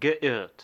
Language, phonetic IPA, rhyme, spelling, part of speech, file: German, [ɡəˈʔɪʁt], -ɪʁt, geirrt, verb, De-geirrt.ogg
- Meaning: past participle of irren